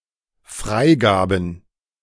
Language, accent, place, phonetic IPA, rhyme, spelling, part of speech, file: German, Germany, Berlin, [ˈfʁaɪ̯ˌɡaːbn̩], -aɪ̯ɡaːbn̩, Freigaben, noun, De-Freigaben.ogg
- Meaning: plural of Freigabe